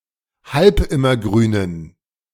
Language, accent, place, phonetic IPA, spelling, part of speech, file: German, Germany, Berlin, [ˈhalpˌɪmɐˌɡʁyːnən], halbimmergrünen, adjective, De-halbimmergrünen.ogg
- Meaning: inflection of halbimmergrün: 1. strong genitive masculine/neuter singular 2. weak/mixed genitive/dative all-gender singular 3. strong/weak/mixed accusative masculine singular 4. strong dative plural